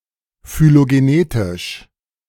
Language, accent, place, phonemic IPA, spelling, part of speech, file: German, Germany, Berlin, /fyloɡeˈneːtɪʃ/, phylogenetisch, adjective, De-phylogenetisch.ogg
- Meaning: phylogenetic